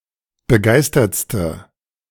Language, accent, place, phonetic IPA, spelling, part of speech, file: German, Germany, Berlin, [bəˈɡaɪ̯stɐt͡stə], begeistertste, adjective, De-begeistertste.ogg
- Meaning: inflection of begeistert: 1. strong/mixed nominative/accusative feminine singular superlative degree 2. strong nominative/accusative plural superlative degree